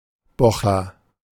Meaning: 1. young man who has not yet reached adulthood; youngling, youngster, youth 2. Jewish young man who has not yet reached adulthood; Jewish youngling, Jewish youngster, Jewish youth, young Jew
- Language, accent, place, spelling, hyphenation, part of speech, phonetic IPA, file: German, Germany, Berlin, Bocher, Bo‧cher, noun, [ˈbɔxɐ], De-Bocher.ogg